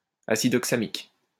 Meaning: oxamic acid
- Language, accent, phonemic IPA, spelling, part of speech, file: French, France, /a.sid ɔk.sa.mik/, acide oxamique, noun, LL-Q150 (fra)-acide oxamique.wav